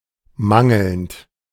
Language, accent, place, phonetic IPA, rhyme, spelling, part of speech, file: German, Germany, Berlin, [ˈmaŋl̩nt], -aŋl̩nt, mangelnd, verb, De-mangelnd.ogg
- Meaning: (verb) present participle of mangeln; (adjective) lacking, wanting, insufficient